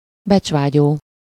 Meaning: ambitious
- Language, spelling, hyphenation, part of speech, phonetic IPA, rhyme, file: Hungarian, becsvágyó, becs‧vá‧gyó, adjective, [ˈbɛt͡ʃvaːɟoː], -ɟoː, Hu-becsvágyó.ogg